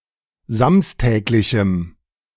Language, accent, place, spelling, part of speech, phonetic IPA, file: German, Germany, Berlin, samstäglichem, adjective, [ˈzamstɛːklɪçm̩], De-samstäglichem.ogg
- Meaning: strong dative masculine/neuter singular of samstäglich